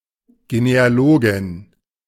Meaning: female equivalent of Genealoge, a female genealogist
- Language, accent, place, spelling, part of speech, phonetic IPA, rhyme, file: German, Germany, Berlin, Genealogin, noun, [ɡeneaˈloːɡɪn], -oːɡɪn, De-Genealogin.ogg